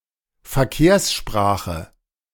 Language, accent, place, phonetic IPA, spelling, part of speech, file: German, Germany, Berlin, [fɛɐ̯ˈkeːɐ̯sˌʃpʁaːχə], Verkehrssprache, noun, De-Verkehrssprache.ogg
- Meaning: lingua franca